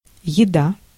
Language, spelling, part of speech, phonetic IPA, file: Russian, еда, noun, [(j)ɪˈda], Ru-еда.ogg
- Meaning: 1. food 2. meal 3. eating